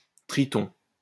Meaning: 1. newt 2. merman 3. triton 4. tritone
- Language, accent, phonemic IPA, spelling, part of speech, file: French, France, /tʁi.tɔ̃/, triton, noun, LL-Q150 (fra)-triton.wav